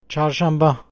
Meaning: Wednesday
- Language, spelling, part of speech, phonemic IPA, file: Turkish, çarşamba, noun, /tʃɑɾʃɑmˈbɑ/, Tr-çarşamba.ogg